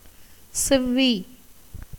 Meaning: 1. time 2. season, opportunity, occasion, juncture 3. audience 4. bud about to blossom 5. mature condition 6. newness, freshness 7. beauty, fairness, gracefulness, elegance 8. taste 9. smell
- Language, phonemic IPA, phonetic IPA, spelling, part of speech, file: Tamil, /tʃɛʋːiː/, [se̞ʋːiː], செவ்வி, noun, Ta-செவ்வி.ogg